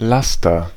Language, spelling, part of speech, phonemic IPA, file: German, Laster, noun, /ˈlastɐ/, De-Laster.ogg
- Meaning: 1. vice (bad habit) 2. agent noun of lasten 3. truck, lorry (motor vehicle for transporting goods)